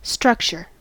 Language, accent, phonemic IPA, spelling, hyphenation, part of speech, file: English, US, /ˈstɹʌkt͡ʃɚ/, structure, struc‧ture, noun / verb, En-us-structure.ogg
- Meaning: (noun) 1. A cohesive whole built up of distinct parts 2. The underlying shape of a solid 3. The overall form or organization of something 4. A set of rules defining behaviour